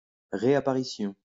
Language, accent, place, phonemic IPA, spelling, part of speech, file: French, France, Lyon, /ʁe.a.pa.ʁi.sjɔ̃/, réapparition, noun, LL-Q150 (fra)-réapparition.wav
- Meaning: reappearance